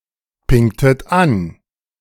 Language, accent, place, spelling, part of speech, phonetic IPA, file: German, Germany, Berlin, pingtet an, verb, [ˌpɪŋtət ˈan], De-pingtet an.ogg
- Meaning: inflection of anpingen: 1. second-person plural preterite 2. second-person plural subjunctive II